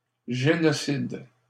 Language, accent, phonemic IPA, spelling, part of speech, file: French, Canada, /ʒe.nɔ.sid/, génocide, noun, LL-Q150 (fra)-génocide.wav
- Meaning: genocide